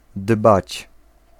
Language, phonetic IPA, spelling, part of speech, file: Polish, [dbat͡ɕ], dbać, verb, Pl-dbać.ogg